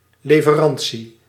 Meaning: 1. delivery 2. the supplying of goods, wares, merchandise, etc
- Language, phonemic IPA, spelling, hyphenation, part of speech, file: Dutch, /ˌleː.vəˈrɑn.(t)si/, leverantie, le‧ve‧ran‧tie, noun, Nl-leverantie.ogg